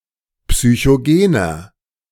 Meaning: inflection of psychogen: 1. strong/mixed nominative masculine singular 2. strong genitive/dative feminine singular 3. strong genitive plural
- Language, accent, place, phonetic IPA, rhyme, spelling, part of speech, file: German, Germany, Berlin, [psyçoˈɡeːnɐ], -eːnɐ, psychogener, adjective, De-psychogener.ogg